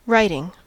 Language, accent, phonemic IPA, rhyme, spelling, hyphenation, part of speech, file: English, US, /ˈɹaɪtɪŋ/, -aɪtɪŋ, writing, writ‧ing, noun / verb, En-us-writing.ogg
- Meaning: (noun) 1. Graphism of symbols such as letters that express some meaning 2. Something written, such as a document, article or book 3. The process of representing a language with symbols or letters